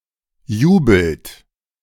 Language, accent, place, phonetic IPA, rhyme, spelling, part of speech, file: German, Germany, Berlin, [ˈjuːbl̩t], -uːbl̩t, jubelt, verb, De-jubelt.ogg
- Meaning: inflection of jubeln: 1. second-person plural present 2. third-person singular present 3. plural imperative